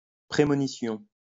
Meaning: premonition
- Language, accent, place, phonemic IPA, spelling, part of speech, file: French, France, Lyon, /pʁe.mɔ.ni.sjɔ̃/, prémonition, noun, LL-Q150 (fra)-prémonition.wav